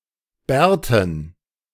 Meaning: dative plural of Bart
- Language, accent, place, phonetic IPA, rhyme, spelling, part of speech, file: German, Germany, Berlin, [ˈbɛːɐ̯tn̩], -ɛːɐ̯tn̩, Bärten, noun, De-Bärten.ogg